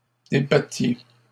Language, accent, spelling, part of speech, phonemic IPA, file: French, Canada, débattiez, verb, /de.ba.tje/, LL-Q150 (fra)-débattiez.wav
- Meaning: inflection of débattre: 1. second-person plural imperfect indicative 2. second-person plural present subjunctive